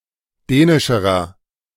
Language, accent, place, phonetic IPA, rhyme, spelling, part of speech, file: German, Germany, Berlin, [ˈdɛːnɪʃəʁɐ], -ɛːnɪʃəʁɐ, dänischerer, adjective, De-dänischerer.ogg
- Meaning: inflection of dänisch: 1. strong/mixed nominative masculine singular comparative degree 2. strong genitive/dative feminine singular comparative degree 3. strong genitive plural comparative degree